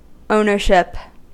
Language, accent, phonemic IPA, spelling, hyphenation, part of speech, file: English, US, /ˈoʊnɚʃɪp/, ownership, own‧er‧ship, noun, En-us-ownership.ogg
- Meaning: 1. The state of having complete legal control of something; possession; proprietorship 2. Responsibility for or control over something